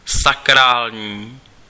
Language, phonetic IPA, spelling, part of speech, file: Czech, [ˈsakraːlɲiː], sakrální, adjective, Cs-sakrální.ogg
- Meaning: sacral